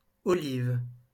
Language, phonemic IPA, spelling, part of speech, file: French, /ɔ.liv/, olive, noun, LL-Q150 (fra)-olive.wav
- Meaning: olive